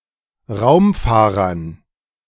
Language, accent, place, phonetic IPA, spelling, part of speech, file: German, Germany, Berlin, [ˈʁaʊ̯mˌfaːʁɐn], Raumfahrern, noun, De-Raumfahrern.ogg
- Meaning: dative plural of Raumfahrer